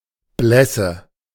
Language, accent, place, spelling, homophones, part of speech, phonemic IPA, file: German, Germany, Berlin, Blässe, Blesse, noun, /ˈblɛsə/, De-Blässe.ogg
- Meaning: 1. paleness 2. pallor